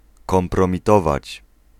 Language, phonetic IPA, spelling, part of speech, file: Polish, [ˌkɔ̃mprɔ̃mʲiˈtɔvat͡ɕ], kompromitować, verb, Pl-kompromitować.ogg